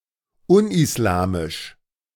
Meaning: un-Islamic
- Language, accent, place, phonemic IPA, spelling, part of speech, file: German, Germany, Berlin, /ˈʊnʔɪsˌlaːmɪʃ/, unislamisch, adjective, De-unislamisch.ogg